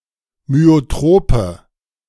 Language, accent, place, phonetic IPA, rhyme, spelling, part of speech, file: German, Germany, Berlin, [myoˈtʁoːpə], -oːpə, myotrope, adjective, De-myotrope.ogg
- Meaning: inflection of myotrop: 1. strong/mixed nominative/accusative feminine singular 2. strong nominative/accusative plural 3. weak nominative all-gender singular 4. weak accusative feminine/neuter singular